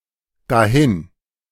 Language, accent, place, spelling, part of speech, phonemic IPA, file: German, Germany, Berlin, dahin, adverb, /daˈhɪn/, De-dahin.ogg
- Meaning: 1. there (to or into that place; thither) 2. over, gone